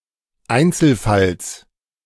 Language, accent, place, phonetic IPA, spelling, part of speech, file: German, Germany, Berlin, [ˈaɪ̯nt͡sl̩ˌfals], Einzelfalls, noun, De-Einzelfalls.ogg
- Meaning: genitive singular of Einzelfall